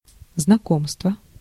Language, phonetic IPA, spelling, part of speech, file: Russian, [znɐˈkomstvə], знакомство, noun, Ru-знакомство.ogg
- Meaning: 1. acquaintance, connection, contact 2. familiarity